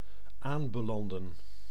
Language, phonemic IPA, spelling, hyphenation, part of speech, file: Dutch, /ˈaːmbəˌlɑndə(n)/, aanbelanden, aan‧be‧lan‧den, verb, Nl-aanbelanden.ogg
- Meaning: to end up, wind up (in)